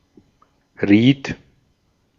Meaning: first/third-person singular preterite of raten
- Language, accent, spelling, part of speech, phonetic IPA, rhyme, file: German, Austria, riet, verb, [ʁiːt], -iːt, De-at-riet.ogg